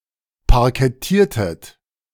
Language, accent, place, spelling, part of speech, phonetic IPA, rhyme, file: German, Germany, Berlin, parkettiertet, verb, [paʁkɛˈtiːɐ̯tət], -iːɐ̯tət, De-parkettiertet.ogg
- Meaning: inflection of parkettieren: 1. second-person plural preterite 2. second-person plural subjunctive II